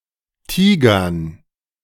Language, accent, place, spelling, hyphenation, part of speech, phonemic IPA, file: German, Germany, Berlin, Tigern, Ti‧gern, noun, /ˈtiːɡɐn/, De-Tigern.ogg
- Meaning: 1. gerund of tigern 2. dative plural of Tiger